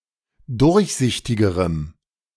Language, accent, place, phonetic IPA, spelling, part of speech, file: German, Germany, Berlin, [ˈdʊʁçˌzɪçtɪɡəʁəm], durchsichtigerem, adjective, De-durchsichtigerem.ogg
- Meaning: strong dative masculine/neuter singular comparative degree of durchsichtig